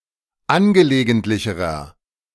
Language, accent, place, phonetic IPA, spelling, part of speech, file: German, Germany, Berlin, [ˈanɡəleːɡəntlɪçəʁɐ], angelegentlicherer, adjective, De-angelegentlicherer.ogg
- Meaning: inflection of angelegentlich: 1. strong/mixed nominative masculine singular comparative degree 2. strong genitive/dative feminine singular comparative degree